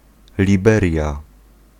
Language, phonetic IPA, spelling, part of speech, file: Polish, [lʲiˈbɛrʲja], liberia, noun, Pl-liberia.ogg